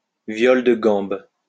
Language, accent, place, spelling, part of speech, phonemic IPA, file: French, France, Lyon, viole de gambe, noun, /vjɔl də ɡɑ̃b/, LL-Q150 (fra)-viole de gambe.wav
- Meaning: viol